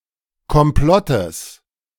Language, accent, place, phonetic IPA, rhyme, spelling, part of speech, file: German, Germany, Berlin, [kɔmˈplɔtəs], -ɔtəs, Komplottes, noun, De-Komplottes.ogg
- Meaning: genitive singular of Komplott